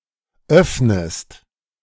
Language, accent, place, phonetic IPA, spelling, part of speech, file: German, Germany, Berlin, [ˈœfnəst], öffnest, verb, De-öffnest.ogg
- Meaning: inflection of öffnen: 1. second-person singular present 2. second-person singular subjunctive I